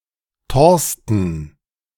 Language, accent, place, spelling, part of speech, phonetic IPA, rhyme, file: German, Germany, Berlin, Thorsten, proper noun, [ˈtɔʁstn̩], -ɔʁstn̩, De-Thorsten.ogg
- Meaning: a male given name, variant of Torsten